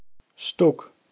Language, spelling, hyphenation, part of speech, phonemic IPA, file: German, Stuck, Stuck, noun, /ˈʃtʊk/, De-Stuck.ogg
- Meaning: stucco